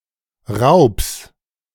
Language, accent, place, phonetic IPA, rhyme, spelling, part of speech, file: German, Germany, Berlin, [ʁaʊ̯ps], -aʊ̯ps, Raubs, noun, De-Raubs.ogg
- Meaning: genitive singular of Raub